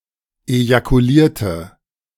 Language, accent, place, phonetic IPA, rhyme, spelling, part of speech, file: German, Germany, Berlin, [ejakuˈliːɐ̯tə], -iːɐ̯tə, ejakulierte, adjective / verb, De-ejakulierte.ogg
- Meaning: inflection of ejakulieren: 1. first/third-person singular preterite 2. first/third-person singular subjunctive II